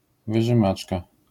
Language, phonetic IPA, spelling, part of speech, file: Polish, [ˌvɨʒɨ̃ˈmat͡ʃka], wyżymaczka, noun, LL-Q809 (pol)-wyżymaczka.wav